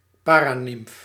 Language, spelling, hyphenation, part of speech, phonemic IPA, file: Dutch, paranimf, pa‧ra‧nimf, noun, /ˈpaː.raːˌnɪmf/, Nl-paranimf.ogg
- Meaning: 1. anyone accompanying a bride or groom at their wedding, sometimes also taking the responsibility for its organisation 2. an assistant to a central figure at an important ceremony